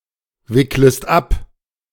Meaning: second-person singular subjunctive I of abwickeln
- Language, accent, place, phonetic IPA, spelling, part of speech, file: German, Germany, Berlin, [ˌvɪkləst ˈap], wicklest ab, verb, De-wicklest ab.ogg